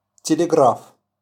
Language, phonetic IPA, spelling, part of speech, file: Russian, [tʲɪlʲɪˈɡraf], телеграф, noun, RU-телеграф.wav
- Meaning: telegraph